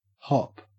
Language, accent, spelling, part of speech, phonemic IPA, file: English, Australia, hop, noun / verb, /hɔp/, En-au-hop.ogg
- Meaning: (noun) 1. A short jump 2. A jump on one leg 3. A short journey, especially in the case of air travel, one that takes place on a private plane 4. A brief period of development or progress